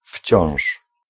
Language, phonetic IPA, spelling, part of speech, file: Polish, [fʲt͡ɕɔ̃w̃ʃ], wciąż, adverb / noun, Pl-wciąż.ogg